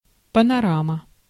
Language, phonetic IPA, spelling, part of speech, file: Russian, [pənɐˈramə], панорама, noun, Ru-панорама.ogg
- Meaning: panorama